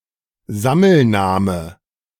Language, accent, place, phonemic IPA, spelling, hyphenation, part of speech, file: German, Germany, Berlin, /ˈzaml̩ˌnaːmə/, Sammelname, Sam‧mel‧na‧me, noun, De-Sammelname.ogg
- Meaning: collective noun